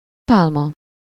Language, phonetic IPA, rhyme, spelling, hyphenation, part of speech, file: Hungarian, [ˈpaːlmɒ], -mɒ, pálma, pál‧ma, noun, Hu-pálma.ogg
- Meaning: 1. palm, palm tree (a tree of the family Arecaceae) 2. palm (the symbol of success, glory, victory)